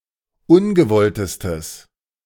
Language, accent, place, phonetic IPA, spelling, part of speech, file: German, Germany, Berlin, [ˈʊnɡəˌvɔltəstəs], ungewolltestes, adjective, De-ungewolltestes.ogg
- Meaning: strong/mixed nominative/accusative neuter singular superlative degree of ungewollt